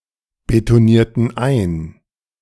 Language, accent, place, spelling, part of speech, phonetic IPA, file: German, Germany, Berlin, betonierten ein, verb, [betoˌniːɐ̯tn̩ ˈaɪ̯n], De-betonierten ein.ogg
- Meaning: inflection of einbetonieren: 1. first/third-person plural preterite 2. first/third-person plural subjunctive II